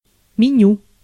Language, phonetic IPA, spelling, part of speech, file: Russian, [mʲɪˈnʲu], меню, noun, Ru-меню.ogg
- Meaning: menu